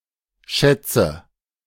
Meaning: nominative/accusative/genitive plural of Schatz
- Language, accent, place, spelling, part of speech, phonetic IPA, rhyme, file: German, Germany, Berlin, Schätze, noun, [ˈʃɛt͡sə], -ɛt͡sə, De-Schätze.ogg